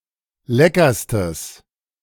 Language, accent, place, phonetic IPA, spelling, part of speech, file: German, Germany, Berlin, [ˈlɛkɐstəs], leckerstes, adjective, De-leckerstes.ogg
- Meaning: strong/mixed nominative/accusative neuter singular superlative degree of lecker